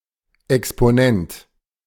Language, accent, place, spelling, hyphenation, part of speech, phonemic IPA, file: German, Germany, Berlin, Exponent, Ex‧po‧nent, noun, /ɛkspoˈnɛnt/, De-Exponent.ogg
- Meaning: exponent